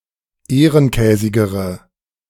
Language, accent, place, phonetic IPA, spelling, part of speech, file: German, Germany, Berlin, [ˈeːʁənˌkɛːzɪɡəʁə], ehrenkäsigere, adjective, De-ehrenkäsigere.ogg
- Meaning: inflection of ehrenkäsig: 1. strong/mixed nominative/accusative feminine singular comparative degree 2. strong nominative/accusative plural comparative degree